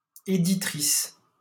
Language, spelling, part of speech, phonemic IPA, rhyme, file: French, éditrice, noun, /e.di.tʁis/, -is, LL-Q150 (fra)-éditrice.wav
- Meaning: female equivalent of éditeur: female editor or publisher